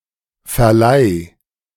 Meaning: singular imperative of verleihen
- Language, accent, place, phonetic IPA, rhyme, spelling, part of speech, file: German, Germany, Berlin, [fɛɐ̯ˈlaɪ̯], -aɪ̯, verleih, verb, De-verleih.ogg